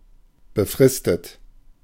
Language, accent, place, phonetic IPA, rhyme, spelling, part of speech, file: German, Germany, Berlin, [bəˈfʁɪstət], -ɪstət, befristet, adjective / verb, De-befristet.ogg
- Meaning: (verb) past participle of befristen; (adjective) temporary